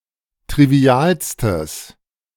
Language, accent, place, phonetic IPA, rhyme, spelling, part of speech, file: German, Germany, Berlin, [tʁiˈvi̯aːlstəs], -aːlstəs, trivialstes, adjective, De-trivialstes.ogg
- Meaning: strong/mixed nominative/accusative neuter singular superlative degree of trivial